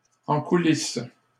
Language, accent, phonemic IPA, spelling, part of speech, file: French, Canada, /ɑ̃ ku.lis/, en coulisse, prepositional phrase, LL-Q150 (fra)-en coulisse.wav
- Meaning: 1. backstage 2. behind the scenes